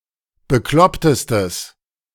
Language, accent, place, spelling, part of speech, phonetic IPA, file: German, Germany, Berlin, beklopptestes, adjective, [bəˈklɔptəstəs], De-beklopptestes.ogg
- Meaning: strong/mixed nominative/accusative neuter singular superlative degree of bekloppt